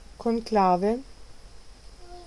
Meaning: conclave
- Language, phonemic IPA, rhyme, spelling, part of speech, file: German, /kɔnˈklaːvə/, -aːvə, Konklave, noun, De-Konklave.ogg